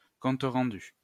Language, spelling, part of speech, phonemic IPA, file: French, rendu, noun / verb, /ʁɑ̃.dy/, LL-Q150 (fra)-rendu.wav
- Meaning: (noun) 1. an instance of rendering, a render 2. change (money given back) 3. stock; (verb) past participle of rendre